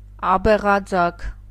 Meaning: crested lark (Galerida cristata)
- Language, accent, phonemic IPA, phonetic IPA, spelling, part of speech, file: Armenian, Eastern Armenian, /ɑbeʁɑˈd͡zɑkʰ/, [ɑbeʁɑd͡zɑ́kʰ], աբեղաձագ, noun, Hy-աբեղաձագ.ogg